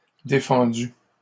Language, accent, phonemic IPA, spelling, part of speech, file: French, Canada, /de.fɑ̃.dy/, défendus, verb, LL-Q150 (fra)-défendus.wav
- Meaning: masculine plural of défendu